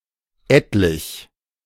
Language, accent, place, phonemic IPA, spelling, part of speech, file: German, Germany, Berlin, /ˈɛtlɪç/, etlich, adjective, De-etlich.ogg
- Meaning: several, a bunch, a number, a good deal